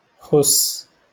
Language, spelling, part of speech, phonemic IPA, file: Moroccan Arabic, خس, noun, /xusː/, LL-Q56426 (ary)-خس.wav
- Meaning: lettuce